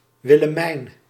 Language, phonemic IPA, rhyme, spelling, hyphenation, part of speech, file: Dutch, /ˌʋɪ.ləˈmɛi̯n/, -ɛi̯n, Willemijn, Wil‧le‧mijn, proper noun, Nl-Willemijn.ogg
- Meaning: a female given name